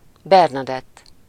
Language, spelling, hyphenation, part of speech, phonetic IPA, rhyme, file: Hungarian, Bernadett, Ber‧na‧dett, proper noun, [ˈbɛrnɒdɛtː], -ɛtː, Hu-Bernadett.ogg
- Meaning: a female given name, equivalent to English Bernadette